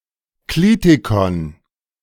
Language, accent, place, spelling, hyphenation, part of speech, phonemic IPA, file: German, Germany, Berlin, Klitikon, Kli‧ti‧kon, noun, /ˈkliːtikɔn/, De-Klitikon.ogg
- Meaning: clitic